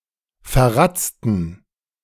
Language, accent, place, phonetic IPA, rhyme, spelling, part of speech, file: German, Germany, Berlin, [fɛɐ̯ˈʁat͡stn̩], -at͡stn̩, verratzten, adjective, De-verratzten.ogg
- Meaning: inflection of verratzt: 1. strong genitive masculine/neuter singular 2. weak/mixed genitive/dative all-gender singular 3. strong/weak/mixed accusative masculine singular 4. strong dative plural